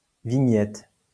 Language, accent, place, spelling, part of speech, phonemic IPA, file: French, France, Lyon, vignette, noun, /vi.ɲɛt/, LL-Q150 (fra)-vignette.wav
- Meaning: 1. vignette 2. image, illustration, motif